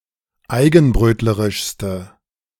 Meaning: inflection of eigenbrötlerisch: 1. strong/mixed nominative/accusative feminine singular superlative degree 2. strong nominative/accusative plural superlative degree
- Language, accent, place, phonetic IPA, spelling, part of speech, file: German, Germany, Berlin, [ˈaɪ̯ɡn̩ˌbʁøːtləʁɪʃstə], eigenbrötlerischste, adjective, De-eigenbrötlerischste.ogg